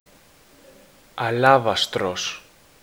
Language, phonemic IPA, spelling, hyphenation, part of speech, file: Greek, /aˈla.va.stɾos/, αλάβαστρος, α‧λά‧βα‧στρος, noun, Ell-Alavastros.ogg
- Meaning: alternative form of αλάβαστρο (alávastro) (neuter)